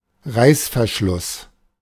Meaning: zipper
- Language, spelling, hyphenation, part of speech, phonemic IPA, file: German, Reißverschluss, Reiß‧ver‧schluss, noun, /ˈʁaɪ̯sfɛɐ̯ˌʃlʊs/, De-Reißverschluss.oga